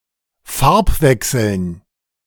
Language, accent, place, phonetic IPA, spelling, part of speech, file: German, Germany, Berlin, [ˈfaʁpˌvɛksl̩n], Farbwechseln, noun, De-Farbwechseln.ogg
- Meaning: dative plural of Farbwechsel